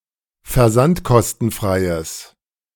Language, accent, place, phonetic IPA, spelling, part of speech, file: German, Germany, Berlin, [fɛɐ̯ˈzantkɔstn̩ˌfʁaɪ̯əs], versandkostenfreies, adjective, De-versandkostenfreies.ogg
- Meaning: strong/mixed nominative/accusative neuter singular of versandkostenfrei